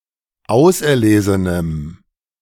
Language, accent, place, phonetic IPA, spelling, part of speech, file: German, Germany, Berlin, [ˈaʊ̯sʔɛɐ̯ˌleːzənəm], auserlesenem, adjective, De-auserlesenem.ogg
- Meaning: strong dative masculine/neuter singular of auserlesen